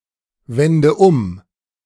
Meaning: inflection of umwenden: 1. first-person singular present 2. first/third-person singular subjunctive I 3. singular imperative
- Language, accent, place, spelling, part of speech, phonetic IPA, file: German, Germany, Berlin, wende um, verb, [ˌvɛndə ˈʊm], De-wende um.ogg